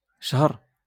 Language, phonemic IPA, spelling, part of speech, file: Moroccan Arabic, /ʃhar/, شهر, noun, LL-Q56426 (ary)-شهر.wav
- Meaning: month